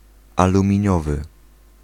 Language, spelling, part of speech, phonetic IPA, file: Polish, aluminiowy, adjective, [ˌalũmʲĩˈɲɔvɨ], Pl-aluminiowy.ogg